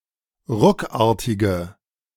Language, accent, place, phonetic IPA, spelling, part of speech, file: German, Germany, Berlin, [ˈʁʊkˌaːɐ̯tɪɡə], ruckartige, adjective, De-ruckartige.ogg
- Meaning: inflection of ruckartig: 1. strong/mixed nominative/accusative feminine singular 2. strong nominative/accusative plural 3. weak nominative all-gender singular